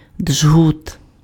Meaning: 1. wisp 2. tourniquet (bandage)
- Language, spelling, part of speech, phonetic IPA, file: Ukrainian, джгут, noun, [d͡ʒɦut], Uk-джгут.ogg